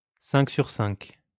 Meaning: loud and clear
- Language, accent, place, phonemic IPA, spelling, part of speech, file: French, France, Lyon, /sɛ̃k syʁ sɛ̃k/, cinq sur cinq, adverb, LL-Q150 (fra)-cinq sur cinq.wav